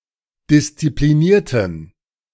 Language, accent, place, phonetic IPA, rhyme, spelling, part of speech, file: German, Germany, Berlin, [dɪst͡sipliˈniːɐ̯tn̩], -iːɐ̯tn̩, disziplinierten, adjective / verb, De-disziplinierten.ogg
- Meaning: inflection of disziplinieren: 1. first/third-person plural preterite 2. first/third-person plural subjunctive II